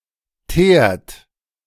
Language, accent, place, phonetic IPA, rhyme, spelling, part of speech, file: German, Germany, Berlin, [teːɐ̯t], -eːɐ̯t, teert, verb, De-teert.ogg
- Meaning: inflection of teeren: 1. second-person plural present 2. third-person singular present 3. plural imperative